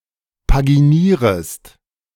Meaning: second-person singular subjunctive I of paginieren
- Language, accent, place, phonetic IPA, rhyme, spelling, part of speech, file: German, Germany, Berlin, [paɡiˈniːʁəst], -iːʁəst, paginierest, verb, De-paginierest.ogg